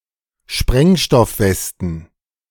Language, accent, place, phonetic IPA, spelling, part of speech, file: German, Germany, Berlin, [ˈʃpʁɛŋʃtɔfˌvɛstn̩], Sprengstoffwesten, noun, De-Sprengstoffwesten.ogg
- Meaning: plural of Sprengstoffweste